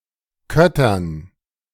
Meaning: dative plural of Kötter
- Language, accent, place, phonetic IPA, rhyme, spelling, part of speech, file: German, Germany, Berlin, [ˈkœtɐn], -œtɐn, Köttern, noun, De-Köttern.ogg